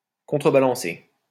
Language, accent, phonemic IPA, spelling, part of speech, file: French, France, /kɔ̃.tʁə.ba.lɑ̃.se/, contrebalancer, verb, LL-Q150 (fra)-contrebalancer.wav
- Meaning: to counterbalance